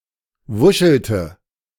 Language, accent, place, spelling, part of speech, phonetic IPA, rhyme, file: German, Germany, Berlin, wuschelte, verb, [ˈvʊʃl̩tə], -ʊʃl̩tə, De-wuschelte.ogg
- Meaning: inflection of wuscheln: 1. first/third-person singular preterite 2. first/third-person singular subjunctive II